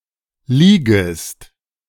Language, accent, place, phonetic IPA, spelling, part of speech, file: German, Germany, Berlin, [ˈliːɡɪst], Ligist, proper noun, De-Ligist.ogg
- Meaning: a municipality of Styria, Austria